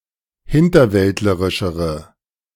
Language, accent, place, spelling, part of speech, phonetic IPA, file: German, Germany, Berlin, hinterwäldlerischere, adjective, [ˈhɪntɐˌvɛltləʁɪʃəʁə], De-hinterwäldlerischere.ogg
- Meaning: inflection of hinterwäldlerisch: 1. strong/mixed nominative/accusative feminine singular comparative degree 2. strong nominative/accusative plural comparative degree